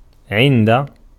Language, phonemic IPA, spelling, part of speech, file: Arabic, /ʕin.da/, عند, preposition, Ar-عند.ogg
- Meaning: 1. near, with, at the house of 2. at the time of 3. in one's sight, in one's opinion 4. expresses possession, to have